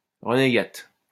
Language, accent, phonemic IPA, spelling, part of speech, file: French, France, /ʁə.ne.ɡat/, renégate, noun, LL-Q150 (fra)-renégate.wav
- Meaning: female equivalent of renégat